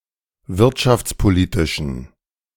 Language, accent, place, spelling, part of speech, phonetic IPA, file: German, Germany, Berlin, wirtschaftspolitischen, adjective, [ˈvɪʁtʃaft͡sˌpoˌliːtɪʃn̩], De-wirtschaftspolitischen.ogg
- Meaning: inflection of wirtschaftspolitisch: 1. strong genitive masculine/neuter singular 2. weak/mixed genitive/dative all-gender singular 3. strong/weak/mixed accusative masculine singular